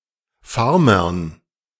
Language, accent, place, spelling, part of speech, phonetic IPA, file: German, Germany, Berlin, Farmern, noun, [ˈfaʁmɐn], De-Farmern.ogg
- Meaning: dative plural of Farmer